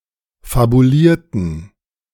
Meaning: inflection of fabuliert: 1. strong genitive masculine/neuter singular 2. weak/mixed genitive/dative all-gender singular 3. strong/weak/mixed accusative masculine singular 4. strong dative plural
- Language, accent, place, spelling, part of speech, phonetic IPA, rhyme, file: German, Germany, Berlin, fabulierten, adjective / verb, [fabuˈliːɐ̯tn̩], -iːɐ̯tn̩, De-fabulierten.ogg